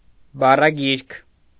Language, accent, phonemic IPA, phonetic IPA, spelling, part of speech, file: Armenian, Eastern Armenian, /bɑrɑˈɡiɾkʰ/, [bɑrɑɡíɾkʰ], բառագիրք, noun, Hy-բառագիրք.ogg
- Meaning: alternative form of բառգիրք (baṙgirkʻ)